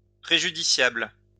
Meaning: 1. prejudicial (to) 2. harmful (to)
- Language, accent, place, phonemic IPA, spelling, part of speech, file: French, France, Lyon, /pʁe.ʒy.di.sjabl/, préjudiciable, adjective, LL-Q150 (fra)-préjudiciable.wav